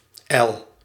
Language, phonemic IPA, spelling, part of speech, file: Dutch, /ɛl/, L, character / noun, Nl-L.ogg
- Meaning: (character) the twelfth letter of the Dutch alphabet; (noun) abbreviation of loper (“bishop”)